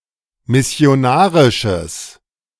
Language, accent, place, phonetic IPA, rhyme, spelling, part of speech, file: German, Germany, Berlin, [mɪsi̯oˈnaːʁɪʃəs], -aːʁɪʃəs, missionarisches, adjective, De-missionarisches.ogg
- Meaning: strong/mixed nominative/accusative neuter singular of missionarisch